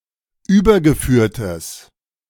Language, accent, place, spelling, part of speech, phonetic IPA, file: German, Germany, Berlin, übergeführtes, adjective, [ˈyːbɐɡəˌfyːɐ̯təs], De-übergeführtes.ogg
- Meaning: strong/mixed nominative/accusative neuter singular of übergeführt